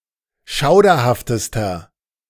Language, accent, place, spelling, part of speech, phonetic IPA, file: German, Germany, Berlin, schauderhaftester, adjective, [ˈʃaʊ̯dɐhaftəstɐ], De-schauderhaftester.ogg
- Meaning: inflection of schauderhaft: 1. strong/mixed nominative masculine singular superlative degree 2. strong genitive/dative feminine singular superlative degree 3. strong genitive plural superlative degree